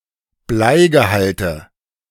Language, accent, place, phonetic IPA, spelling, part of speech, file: German, Germany, Berlin, [ˈblaɪ̯ɡəˌhaltə], Bleigehalte, noun, De-Bleigehalte.ogg
- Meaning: nominative/accusative/genitive plural of Bleigehalt